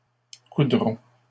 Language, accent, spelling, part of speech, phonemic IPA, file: French, Canada, coudrons, verb, /ku.dʁɔ̃/, LL-Q150 (fra)-coudrons.wav
- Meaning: first-person plural simple future of coudre